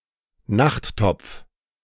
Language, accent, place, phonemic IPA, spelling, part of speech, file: German, Germany, Berlin, /ˈnaχtɔpf/, Nachttopf, noun, De-Nachttopf.ogg
- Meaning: chamber pot (a bowl kept in a bedroom to serve as a temporary toilet)